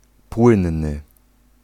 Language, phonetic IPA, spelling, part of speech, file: Polish, [ˈpwɨ̃nːɨ], płynny, adjective, Pl-płynny.ogg